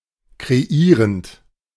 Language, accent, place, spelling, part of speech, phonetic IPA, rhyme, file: German, Germany, Berlin, kreierend, verb, [kʁeˈiːʁənt], -iːʁənt, De-kreierend.ogg
- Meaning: present participle of kreieren